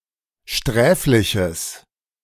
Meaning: strong/mixed nominative/accusative neuter singular of sträflich
- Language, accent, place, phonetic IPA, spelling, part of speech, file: German, Germany, Berlin, [ˈʃtʁɛːflɪçəs], sträfliches, adjective, De-sträfliches.ogg